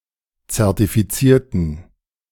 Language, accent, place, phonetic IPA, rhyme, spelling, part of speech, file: German, Germany, Berlin, [t͡sɛʁtifiˈt͡siːɐ̯tn̩], -iːɐ̯tn̩, zertifizierten, adjective / verb, De-zertifizierten.ogg
- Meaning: inflection of zertifizieren: 1. first/third-person plural preterite 2. first/third-person plural subjunctive II